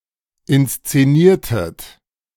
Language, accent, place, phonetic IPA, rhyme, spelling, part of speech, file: German, Germany, Berlin, [ɪnst͡seˈniːɐ̯tət], -iːɐ̯tət, inszeniertet, verb, De-inszeniertet.ogg
- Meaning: inflection of inszenieren: 1. second-person plural preterite 2. second-person plural subjunctive II